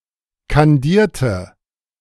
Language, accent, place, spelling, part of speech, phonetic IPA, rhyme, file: German, Germany, Berlin, kandierte, adjective / verb, [kanˈdiːɐ̯tə], -iːɐ̯tə, De-kandierte.ogg
- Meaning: inflection of kandieren: 1. first/third-person singular preterite 2. first/third-person singular subjunctive II